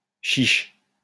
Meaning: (adjective) 1. mean, stingy 2. scanty, meagre, stingy 3. able, capable; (interjection) I dare you!
- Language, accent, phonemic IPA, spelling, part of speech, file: French, France, /ʃiʃ/, chiche, adjective / interjection, LL-Q150 (fra)-chiche.wav